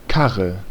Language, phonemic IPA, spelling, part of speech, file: German, /ˈkaʁə/, Karre, noun, De-Karre.ogg
- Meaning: 1. cart, barrow 2. car, automobile